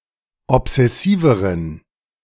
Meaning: inflection of obsessiv: 1. strong genitive masculine/neuter singular comparative degree 2. weak/mixed genitive/dative all-gender singular comparative degree
- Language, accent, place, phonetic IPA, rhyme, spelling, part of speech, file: German, Germany, Berlin, [ɔpz̥ɛˈsiːvəʁən], -iːvəʁən, obsessiveren, adjective, De-obsessiveren.ogg